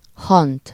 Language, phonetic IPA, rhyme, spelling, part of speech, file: Hungarian, [ˈhɒnt], -ɒnt, hant, noun, Hu-hant.ogg
- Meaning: 1. clod (lump of earth) 2. grass, lawn 3. grave (place of burial) 4. mound, hillock (a small grass-covered mound of earth)